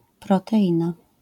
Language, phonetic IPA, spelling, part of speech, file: Polish, [ˌprɔtɛˈʲĩna], proteina, noun, LL-Q809 (pol)-proteina.wav